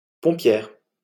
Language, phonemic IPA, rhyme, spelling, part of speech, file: French, /pɔ̃.pjɛʁ/, -ɛʁ, pompière, noun, LL-Q150 (fra)-pompière.wav
- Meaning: female equivalent of pompier